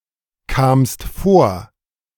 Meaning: second-person singular preterite of vorkommen
- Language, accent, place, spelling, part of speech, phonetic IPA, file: German, Germany, Berlin, kamst vor, verb, [ˌkaːmst ˈfoːɐ̯], De-kamst vor.ogg